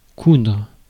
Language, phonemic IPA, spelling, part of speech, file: French, /kudʁ/, coudre, verb, Fr-coudre.ogg
- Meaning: 1. to sew 2. to mend